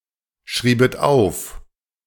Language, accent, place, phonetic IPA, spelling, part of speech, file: German, Germany, Berlin, [ˌʃʁiːbət ˈaʊ̯f], schriebet auf, verb, De-schriebet auf.ogg
- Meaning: second-person plural subjunctive II of aufschreiben